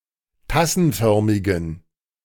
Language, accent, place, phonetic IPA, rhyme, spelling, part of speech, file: German, Germany, Berlin, [ˈtasn̩ˌfœʁmɪɡn̩], -asn̩fœʁmɪɡn̩, tassenförmigen, adjective, De-tassenförmigen.ogg
- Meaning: inflection of tassenförmig: 1. strong genitive masculine/neuter singular 2. weak/mixed genitive/dative all-gender singular 3. strong/weak/mixed accusative masculine singular 4. strong dative plural